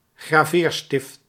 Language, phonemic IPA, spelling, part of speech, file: Dutch, /ɣraˈverstɪft/, Graveerstift, proper noun, Nl-Graveerstift.ogg
- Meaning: Caelum